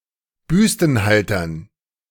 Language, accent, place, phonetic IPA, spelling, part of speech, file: German, Germany, Berlin, [ˈbʏstn̩ˌhaltɐn], Büstenhaltern, noun, De-Büstenhaltern.ogg
- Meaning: dative plural of Büstenhalter